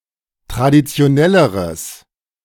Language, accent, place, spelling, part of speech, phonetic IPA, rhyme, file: German, Germany, Berlin, traditionelleres, adjective, [tʁadit͡si̯oˈnɛləʁəs], -ɛləʁəs, De-traditionelleres.ogg
- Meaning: strong/mixed nominative/accusative neuter singular comparative degree of traditionell